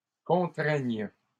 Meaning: third-person plural present indicative/subjunctive of contraindre
- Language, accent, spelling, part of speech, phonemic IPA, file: French, Canada, contraignent, verb, /kɔ̃.tʁɛɲ/, LL-Q150 (fra)-contraignent.wav